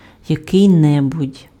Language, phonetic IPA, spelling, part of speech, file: Ukrainian, [jɐˈkɪi̯ ˈnɛbʊdʲ], який-небудь, determiner, Uk-який-небудь.ogg
- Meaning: some, a certain (unspecified or unknown)